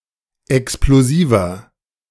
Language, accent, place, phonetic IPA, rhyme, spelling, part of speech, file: German, Germany, Berlin, [ɛksploˈziːvɐ], -iːvɐ, explosiver, adjective, De-explosiver.ogg
- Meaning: 1. comparative degree of explosiv 2. inflection of explosiv: strong/mixed nominative masculine singular 3. inflection of explosiv: strong genitive/dative feminine singular